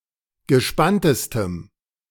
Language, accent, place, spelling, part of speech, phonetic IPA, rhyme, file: German, Germany, Berlin, gespanntestem, adjective, [ɡəˈʃpantəstəm], -antəstəm, De-gespanntestem.ogg
- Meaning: strong dative masculine/neuter singular superlative degree of gespannt